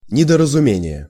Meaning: misunderstanding, misapprehension, misconception
- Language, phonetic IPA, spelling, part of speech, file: Russian, [nʲɪdərəzʊˈmʲenʲɪje], недоразумение, noun, Ru-недоразумение.ogg